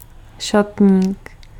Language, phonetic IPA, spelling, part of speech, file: Czech, [ˈʃatɲiːk], šatník, noun, Cs-šatník.ogg
- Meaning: 1. wardrobe (cabinet) 2. wardrobe (collection of clothing)